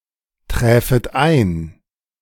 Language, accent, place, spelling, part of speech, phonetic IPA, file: German, Germany, Berlin, träfet ein, verb, [ˌtʁɛːfət ˈaɪ̯n], De-träfet ein.ogg
- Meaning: second-person plural subjunctive II of eintreffen